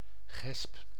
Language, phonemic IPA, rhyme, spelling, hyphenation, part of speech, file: Dutch, /ɣɛsp/, -ɛsp, gesp, gesp, noun / verb, Nl-gesp.ogg
- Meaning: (noun) buckle; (verb) inflection of gespen: 1. first-person singular present indicative 2. second-person singular present indicative 3. imperative